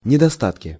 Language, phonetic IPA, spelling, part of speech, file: Russian, [nʲɪdɐˈstatkʲɪ], недостатки, noun, Ru-недостатки.ogg
- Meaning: nominative/accusative plural of недоста́ток (nedostátok)